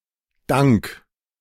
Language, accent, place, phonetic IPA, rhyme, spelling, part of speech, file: German, Germany, Berlin, [daŋk], -aŋk, dank, preposition / verb, De-dank.ogg
- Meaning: thanks to, because of, courtesy of